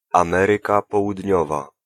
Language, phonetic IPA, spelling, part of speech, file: Polish, [ãˈmɛrɨka ˌpɔwudʲˈɲɔva], Ameryka Południowa, proper noun, Pl-Ameryka Południowa.ogg